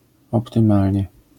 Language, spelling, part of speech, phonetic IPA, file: Polish, optymalnie, adverb, [ˌɔptɨ̃ˈmalʲɲɛ], LL-Q809 (pol)-optymalnie.wav